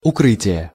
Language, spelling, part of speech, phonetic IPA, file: Russian, укрытия, noun, [ʊˈkrɨtʲɪjə], Ru-укрытия.ogg
- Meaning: inflection of укры́тие (ukrýtije): 1. genitive singular 2. nominative/accusative plural